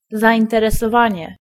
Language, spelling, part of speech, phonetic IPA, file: Polish, zainteresowanie, noun, [ˌzaʲĩntɛrɛsɔˈvãɲɛ], Pl-zainteresowanie.ogg